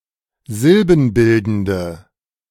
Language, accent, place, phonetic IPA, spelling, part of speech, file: German, Germany, Berlin, [ˈzɪlbn̩ˌbɪldn̩də], silbenbildende, adjective, De-silbenbildende.ogg
- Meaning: inflection of silbenbildend: 1. strong/mixed nominative/accusative feminine singular 2. strong nominative/accusative plural 3. weak nominative all-gender singular